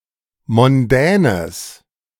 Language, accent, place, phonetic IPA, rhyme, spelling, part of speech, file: German, Germany, Berlin, [mɔnˈdɛːnəs], -ɛːnəs, mondänes, adjective, De-mondänes.ogg
- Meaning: strong/mixed nominative/accusative neuter singular of mondän